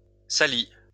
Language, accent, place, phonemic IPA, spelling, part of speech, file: French, France, Lyon, /sa.li/, salis, verb, LL-Q150 (fra)-salis.wav
- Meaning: inflection of salir: 1. first/second-person singular present indicative 2. first/second-person singular past historic 3. second-person singular imperative